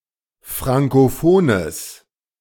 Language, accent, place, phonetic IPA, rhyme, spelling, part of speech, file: German, Germany, Berlin, [ˌfʁaŋkoˈfoːnəs], -oːnəs, frankophones, adjective, De-frankophones.ogg
- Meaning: strong/mixed nominative/accusative neuter singular of frankophon